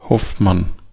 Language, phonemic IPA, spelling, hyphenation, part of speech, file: German, /ˈhɔfman/, Hoffmann, Hoff‧mann, proper noun, De-Hoffmann.ogg
- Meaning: a very common surname originating as an occupation